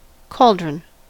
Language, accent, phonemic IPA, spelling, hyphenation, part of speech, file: English, US, /ˈkɔːl.dɹən/, cauldron, caul‧dron, noun, En-us-cauldron.ogg
- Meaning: 1. A large bowl-shaped pot used for boiling over an open flame 2. A type of encirclement 3. An unsettled or difficult situation or place